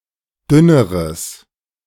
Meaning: strong/mixed nominative/accusative neuter singular comparative degree of dünn
- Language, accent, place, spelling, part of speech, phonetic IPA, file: German, Germany, Berlin, dünneres, adjective, [ˈdʏnəʁəs], De-dünneres.ogg